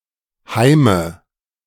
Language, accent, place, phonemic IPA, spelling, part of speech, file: German, Germany, Berlin, /haɪ̯mə/, Heime, noun, De-Heime.ogg
- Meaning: nominative/accusative/genitive plural of Heim